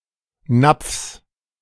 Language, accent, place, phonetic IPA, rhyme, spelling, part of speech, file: German, Germany, Berlin, [nap͡fs], -ap͡fs, Napfs, noun, De-Napfs.ogg
- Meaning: genitive singular of Napf